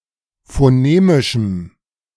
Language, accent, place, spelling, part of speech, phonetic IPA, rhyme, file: German, Germany, Berlin, phonemischem, adjective, [foˈneːmɪʃm̩], -eːmɪʃm̩, De-phonemischem.ogg
- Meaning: strong dative masculine/neuter singular of phonemisch